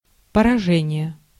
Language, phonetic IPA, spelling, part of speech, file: Russian, [pərɐˈʐɛnʲɪje], поражение, noun, Ru-поражение.ogg
- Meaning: 1. defeat 2. deprivation 3. striking, hitting 4. affection, disease